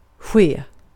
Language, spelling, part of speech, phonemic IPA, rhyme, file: Swedish, ske, verb, /ɧeː/, -eː, Sv-ske.ogg
- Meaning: to happen; in particular what happens during some extended period of time